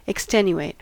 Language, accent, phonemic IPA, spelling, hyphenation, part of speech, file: English, General American, /ɪkˈstɛnjəˌweɪt/, extenuate, ex‧ten‧u‧ate, adjective / verb, En-us-extenuate.ogg
- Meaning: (adjective) 1. Of a person: emaciated, wasted, weakened; of the body or part of it: atrophied, shrunken, withered 2. Of a quality or thing: lessened, weakened 3. Reduced to poverty; impoverished